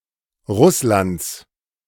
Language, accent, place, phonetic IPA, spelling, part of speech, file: German, Germany, Berlin, [ˈʁʊslant͡s], Russlands, noun, De-Russlands.ogg
- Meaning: genitive singular of Russland